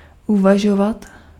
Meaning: to think, to speculate, to reflect
- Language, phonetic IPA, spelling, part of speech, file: Czech, [ˈuvaʒovat], uvažovat, verb, Cs-uvažovat.ogg